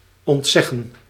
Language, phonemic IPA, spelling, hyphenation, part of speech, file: Dutch, /ɔntˈzɛ.ɣə(n)/, ontzeggen, ont‧zeg‧gen, verb, Nl-ontzeggen.ogg
- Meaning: to deny, to keep from having